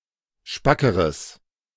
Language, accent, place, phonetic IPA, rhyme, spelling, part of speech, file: German, Germany, Berlin, [ˈʃpakəʁəs], -akəʁəs, spackeres, adjective, De-spackeres.ogg
- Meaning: strong/mixed nominative/accusative neuter singular comparative degree of spack